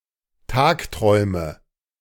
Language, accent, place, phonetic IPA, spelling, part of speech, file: German, Germany, Berlin, [ˈtaːkˌtʁɔɪ̯mə], tagträume, verb, De-tagträume.ogg
- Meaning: inflection of tagträumen: 1. first-person singular present 2. singular imperative 3. first/third-person singular subjunctive I